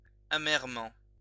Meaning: bitterly
- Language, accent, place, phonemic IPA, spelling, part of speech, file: French, France, Lyon, /a.mɛʁ.mɑ̃/, amèrement, adverb, LL-Q150 (fra)-amèrement.wav